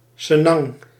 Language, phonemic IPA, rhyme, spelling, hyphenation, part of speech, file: Dutch, /səˈnɑŋ/, -ɑŋ, senang, se‧nang, adjective, Nl-senang.ogg
- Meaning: comfortable, at ease, pleasant